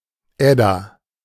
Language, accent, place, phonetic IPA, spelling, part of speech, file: German, Germany, Berlin, [ˈɛda], Edda, noun, De-Edda.ogg
- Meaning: 1. Edda 2. a female given name, shortened from Germanic compound names beginning with Ed- or Edel-